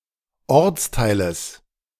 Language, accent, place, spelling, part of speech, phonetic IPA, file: German, Germany, Berlin, Ortsteiles, noun, [ˈɔʁt͡sˌtaɪ̯ləs], De-Ortsteiles.ogg
- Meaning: genitive singular of Ortsteil